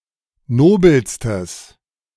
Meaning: strong/mixed nominative/accusative neuter singular superlative degree of nobel
- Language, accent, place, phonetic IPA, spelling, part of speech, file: German, Germany, Berlin, [ˈnoːbl̩stəs], nobelstes, adjective, De-nobelstes.ogg